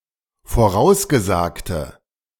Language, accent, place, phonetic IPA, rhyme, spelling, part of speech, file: German, Germany, Berlin, [foˈʁaʊ̯sɡəˌzaːktə], -aʊ̯sɡəzaːktə, vorausgesagte, adjective, De-vorausgesagte.ogg
- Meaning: inflection of vorausgesagt: 1. strong/mixed nominative/accusative feminine singular 2. strong nominative/accusative plural 3. weak nominative all-gender singular